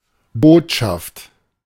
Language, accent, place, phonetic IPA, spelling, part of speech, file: German, Germany, Berlin, [ˈboːt.ʃaft], Botschaft, noun, De-Botschaft.ogg
- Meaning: 1. message 2. news, tidings 3. embassy